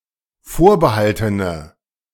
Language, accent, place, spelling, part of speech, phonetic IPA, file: German, Germany, Berlin, vorbehaltene, adjective, [ˈfoːɐ̯bəˌhaltənə], De-vorbehaltene.ogg
- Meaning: inflection of vorbehalten: 1. strong/mixed nominative/accusative feminine singular 2. strong nominative/accusative plural 3. weak nominative all-gender singular